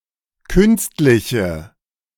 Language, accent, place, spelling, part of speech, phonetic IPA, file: German, Germany, Berlin, künstliche, adjective, [ˈkʏnstlɪçə], De-künstliche.ogg
- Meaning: inflection of künstlich: 1. strong/mixed nominative/accusative feminine singular 2. strong nominative/accusative plural 3. weak nominative all-gender singular